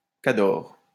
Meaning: 1. pro 2. lady-killer
- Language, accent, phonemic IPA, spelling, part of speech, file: French, France, /ka.dɔʁ/, cador, noun, LL-Q150 (fra)-cador.wav